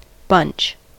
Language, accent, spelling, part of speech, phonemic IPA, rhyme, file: English, US, bunch, noun / verb, /bʌnt͡ʃ/, -ʌntʃ, En-us-bunch.ogg
- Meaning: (noun) 1. A group of similar things, either growing together, or in a cluster or clump, usually fastened together 2. The peloton; the main group of riders formed during a race